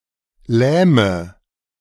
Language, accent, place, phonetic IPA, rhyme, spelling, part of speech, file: German, Germany, Berlin, [ˈlɛːmə], -ɛːmə, lähme, verb, De-lähme.ogg
- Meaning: inflection of lähmen: 1. first-person singular present 2. first/third-person singular subjunctive I 3. singular imperative